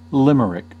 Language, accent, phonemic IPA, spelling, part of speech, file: English, US, /ˈlɪm(ə)ɹɪk/, limerick, noun, En-us-limerick.ogg
- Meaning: A humorous, often bawdy verse of five anapaestic lines, with the rhyme scheme aabba, and typically having an 8–8–5–5–8 cadence